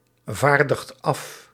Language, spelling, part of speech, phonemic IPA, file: Dutch, vaardigt af, verb, /ˈvardəxt ˈɑf/, Nl-vaardigt af.ogg
- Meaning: inflection of afvaardigen: 1. second/third-person singular present indicative 2. plural imperative